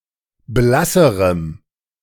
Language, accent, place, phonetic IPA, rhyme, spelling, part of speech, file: German, Germany, Berlin, [ˈblasəʁəm], -asəʁəm, blasserem, adjective, De-blasserem.ogg
- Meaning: strong dative masculine/neuter singular comparative degree of blass